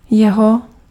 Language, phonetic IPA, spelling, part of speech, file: Czech, [ˈjɛɦo], jeho, pronoun, Cs-jeho.ogg
- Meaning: 1. his: possessive pronoun of on 2. its: possessive pronoun of ono 3. genitive singular of on and ono 4. accusative singular of on